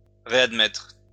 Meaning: to readmit
- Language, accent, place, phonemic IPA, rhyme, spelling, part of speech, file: French, France, Lyon, /ʁe.ad.mɛtʁ/, -ɛtʁ, réadmettre, verb, LL-Q150 (fra)-réadmettre.wav